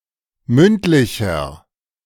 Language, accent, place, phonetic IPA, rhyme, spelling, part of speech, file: German, Germany, Berlin, [ˈmʏntˌlɪçɐ], -ʏntlɪçɐ, mündlicher, adjective, De-mündlicher.ogg
- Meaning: inflection of mündlich: 1. strong/mixed nominative masculine singular 2. strong genitive/dative feminine singular 3. strong genitive plural